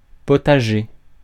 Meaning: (adjective) potager; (noun) 1. warming oven (a type of obsolete stone oven) 2. vegetable garden
- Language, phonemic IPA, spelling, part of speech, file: French, /pɔ.ta.ʒe/, potager, adjective / noun, Fr-potager.ogg